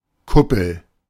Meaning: dome (structural element resembling the hollow upper half of a sphere)
- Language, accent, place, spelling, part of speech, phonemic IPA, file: German, Germany, Berlin, Kuppel, noun, /ˈkʊpl̩/, De-Kuppel.ogg